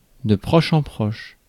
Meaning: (adjective) 1. close, near, closeby, nearby (to a place) 2. close, near (a time); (noun) loved one, close relative
- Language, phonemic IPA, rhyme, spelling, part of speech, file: French, /pʁɔʃ/, -ɔʃ, proche, adjective / noun, Fr-proche.ogg